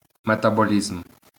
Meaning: metabolism
- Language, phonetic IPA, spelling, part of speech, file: Ukrainian, [metɐboˈlʲizm], метаболізм, noun, LL-Q8798 (ukr)-метаболізм.wav